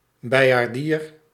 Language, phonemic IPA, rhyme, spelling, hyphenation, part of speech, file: Dutch, /ˌbɛi̯.aːrˈdiːr/, -iːr, beiaardier, bei‧aar‧dier, noun, Nl-beiaardier.ogg
- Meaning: carillonist, carillonneur